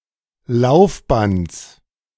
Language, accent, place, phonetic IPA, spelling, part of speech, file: German, Germany, Berlin, [ˈlaʊ̯fˌbant͡s], Laufbands, noun, De-Laufbands.ogg
- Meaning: genitive singular of Laufband